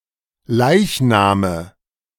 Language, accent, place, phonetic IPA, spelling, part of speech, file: German, Germany, Berlin, [ˈlaɪ̯çnaːmə], Leichname, noun, De-Leichname.ogg
- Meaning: nominative/accusative/genitive plural of Leichnam